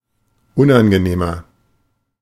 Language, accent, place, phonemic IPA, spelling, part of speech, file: German, Germany, Berlin, /ˈʊnʔanɡəˌneːmɐ/, unangenehmer, adjective, De-unangenehmer.ogg
- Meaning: 1. comparative degree of unangenehm 2. inflection of unangenehm: strong/mixed nominative masculine singular 3. inflection of unangenehm: strong genitive/dative feminine singular